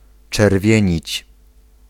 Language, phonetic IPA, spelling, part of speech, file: Polish, [t͡ʃɛrˈvʲjɛ̇̃ɲit͡ɕ], czerwienić, verb, Pl-czerwienić.ogg